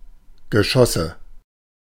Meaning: nominative/accusative/genitive plural of Geschoss
- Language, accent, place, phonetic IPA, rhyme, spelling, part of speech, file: German, Germany, Berlin, [ɡəˈʃɔsə], -ɔsə, Geschosse, noun, De-Geschosse.ogg